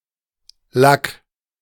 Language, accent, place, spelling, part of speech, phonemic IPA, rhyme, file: German, Germany, Berlin, Lack, noun, /lak/, -ak, De-Lack.ogg
- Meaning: varnish, finish (smooth layer of coating typically applied to wood or metal, either for protection or color)